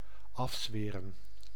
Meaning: to abjure, swear off
- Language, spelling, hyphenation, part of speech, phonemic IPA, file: Dutch, afzweren, af‧zwe‧ren, verb, /ˈɑfˌsʋeːrə(n)/, Nl-afzweren.ogg